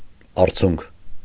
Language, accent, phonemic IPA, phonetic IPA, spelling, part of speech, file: Armenian, Eastern Armenian, /ɑɾˈt͡sʰunkʰ/, [ɑɾt͡sʰúŋkʰ], արցունք, noun, Hy-արցունք.ogg
- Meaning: tear